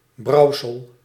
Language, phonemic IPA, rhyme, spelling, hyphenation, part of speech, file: Dutch, /ˈbrɑu̯.səl/, -ɑu̯səl, brouwsel, brouw‧sel, noun, Nl-brouwsel.ogg
- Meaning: concoction, brewage